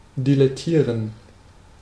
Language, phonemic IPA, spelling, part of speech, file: German, /dilɛˈtiːʁən/, dilettieren, verb, De-dilettieren.ogg
- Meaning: to dabble (to participate in an artistic activity without the necessary skills)